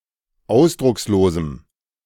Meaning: strong dative masculine/neuter singular of ausdruckslos
- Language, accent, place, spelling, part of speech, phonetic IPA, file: German, Germany, Berlin, ausdruckslosem, adjective, [ˈaʊ̯sdʁʊksloːzm̩], De-ausdruckslosem.ogg